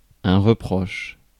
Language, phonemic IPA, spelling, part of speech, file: French, /ʁə.pʁɔʃ/, reproche, noun / verb, Fr-reproche.ogg
- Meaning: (noun) blame, the act of blaming; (verb) inflection of reprocher: 1. first/third-person singular present indicative/subjunctive 2. second-person singular imperative